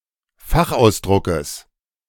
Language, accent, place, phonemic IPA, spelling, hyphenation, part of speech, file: German, Germany, Berlin, /ˈfaxʔaʊ̯sˌdʁʊkəs/, Fachausdruckes, Fach‧aus‧dru‧ckes, noun, De-Fachausdruckes.ogg
- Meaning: genitive singular of Fachausdruck